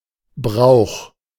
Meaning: custom
- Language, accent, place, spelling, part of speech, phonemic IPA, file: German, Germany, Berlin, Brauch, noun, /bʁaʊ̯x/, De-Brauch.ogg